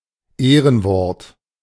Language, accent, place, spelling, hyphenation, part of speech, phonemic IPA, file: German, Germany, Berlin, Ehrenwort, Eh‧ren‧wort, noun, /ˈeːrənvɔrt/, De-Ehrenwort.ogg
- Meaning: One's word of honor, linking a claim or promise to one's personal integrity